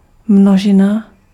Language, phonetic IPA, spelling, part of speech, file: Czech, [ˈmnoʒɪna], množina, noun, Cs-množina.ogg
- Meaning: set